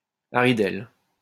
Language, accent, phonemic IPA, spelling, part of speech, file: French, France, /a.ʁi.dɛl/, haridelle, noun, LL-Q150 (fra)-haridelle.wav
- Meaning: 1. nag (old, useless horse) 2. hag, harridan